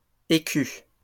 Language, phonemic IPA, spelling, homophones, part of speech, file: French, /e.ky/, écus, écu, noun, LL-Q150 (fra)-écus.wav
- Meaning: plural of écu